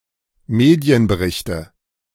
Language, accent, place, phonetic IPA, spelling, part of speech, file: German, Germany, Berlin, [ˈmeːdi̯ənbəˌʁɪçtə], Medienberichte, noun, De-Medienberichte.ogg
- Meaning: nominative/accusative/genitive plural of Medienbericht